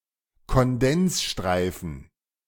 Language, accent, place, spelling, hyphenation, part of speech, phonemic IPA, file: German, Germany, Berlin, Kondensstreifen, Kon‧dens‧strei‧fen, noun, /kɔnˈdɛnsˌʃtʁaɪ̯fn̩/, De-Kondensstreifen.ogg
- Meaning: contrail